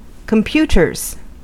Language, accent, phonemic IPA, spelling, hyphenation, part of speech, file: English, US, /kəmˈpjutɚz/, computers, com‧pu‧ters, noun / verb, En-us-computers.ogg
- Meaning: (noun) plural of computer; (verb) third-person singular simple present indicative of computer